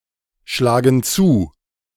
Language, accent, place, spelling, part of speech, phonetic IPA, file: German, Germany, Berlin, schlagen zu, verb, [ˌʃlaːɡn̩ ˈt͡suː], De-schlagen zu.ogg
- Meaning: inflection of zuschlagen: 1. first/third-person plural present 2. first/third-person plural subjunctive I